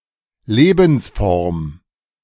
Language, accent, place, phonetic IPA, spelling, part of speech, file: German, Germany, Berlin, [ˈleːbn̩sˌfɔʁm], Lebensform, noun, De-Lebensform.ogg
- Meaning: 1. lifeform 2. lifestyle